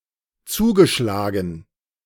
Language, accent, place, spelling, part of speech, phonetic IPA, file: German, Germany, Berlin, zugeschlagen, verb, [ˈt͡suːɡəˌʃlaːɡn̩], De-zugeschlagen.ogg
- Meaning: past participle of zuschlagen